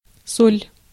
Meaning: 1. salt 2. point 3. punch line (e.g. in stand-up or in a joke) 4. psychoactive bath salts (mephedrone, or any similar stimulant designer drug) 5. G 6. sol (unit of Peruvian currency)
- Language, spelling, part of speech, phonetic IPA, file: Russian, соль, noun, [solʲ], Ru-соль.ogg